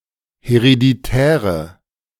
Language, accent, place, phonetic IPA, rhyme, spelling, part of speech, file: German, Germany, Berlin, [heʁediˈtɛːʁə], -ɛːʁə, hereditäre, adjective, De-hereditäre.ogg
- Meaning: inflection of hereditär: 1. strong/mixed nominative/accusative feminine singular 2. strong nominative/accusative plural 3. weak nominative all-gender singular